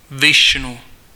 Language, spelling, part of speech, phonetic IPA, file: Czech, Višnu, proper noun, [ˈvɪʃnu], Cs-Višnu.ogg
- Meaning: Vishnu (the god)